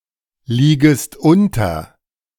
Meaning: second-person singular subjunctive I of unterliegen
- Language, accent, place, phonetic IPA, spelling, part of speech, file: German, Germany, Berlin, [ˌliːɡəst ˈʊntɐ], liegest unter, verb, De-liegest unter.ogg